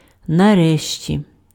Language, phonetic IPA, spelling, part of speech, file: Ukrainian, [nɐˈrɛʃtʲi], нарешті, adverb, Uk-нарешті.ogg
- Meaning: 1. finally, in the end, eventually, ultimately, at length 2. finally, at last (expressing relief after impatiently waiting)